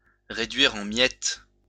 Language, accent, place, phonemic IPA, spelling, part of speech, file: French, France, Lyon, /ʁe.dɥiʁ ɑ̃ mjɛt/, réduire en miettes, verb, LL-Q150 (fra)-réduire en miettes.wav
- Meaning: to shatter, to smash, to blow to smithereens, to tear to pieces